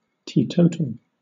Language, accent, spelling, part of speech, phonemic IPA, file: English, Southern England, teetotal, adjective / noun / verb, /ˌtiːˈtəʊtəl/, LL-Q1860 (eng)-teetotal.wav
- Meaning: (adjective) 1. Abstinent from alcohol; never drinking alcohol 2. Opposed to the drinking of alcohol 3. Containing no alcohol 4. Total; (noun) One who abstains from drinking alcohol